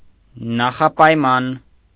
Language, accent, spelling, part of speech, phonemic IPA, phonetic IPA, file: Armenian, Eastern Armenian, նախապայման, noun, /nɑχɑpɑjˈmɑn/, [nɑχɑpɑjmɑ́n], Hy-նախապայման.ogg
- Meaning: precondition